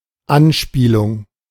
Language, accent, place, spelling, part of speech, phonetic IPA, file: German, Germany, Berlin, Anspielung, noun, [ˈanˌʃpiːlʊŋ], De-Anspielung.ogg
- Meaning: allusion (indirect reference; a hint), innuendo